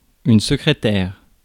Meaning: 1. secretary 2. writing desk, secretaire
- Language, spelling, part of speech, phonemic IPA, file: French, secrétaire, noun, /sə.kʁe.tɛʁ/, Fr-secrétaire.ogg